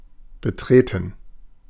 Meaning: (verb) 1. to enter, to go or come into 2. to step onto, especially die Bühne - the stage, meant figuratively 3. past participle of betreten; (adjective) embarrassed
- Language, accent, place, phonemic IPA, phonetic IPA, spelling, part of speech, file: German, Germany, Berlin, /bəˈtʁeːtən/, [bəˈtʁeː.tn̩], betreten, verb / adjective, De-betreten.ogg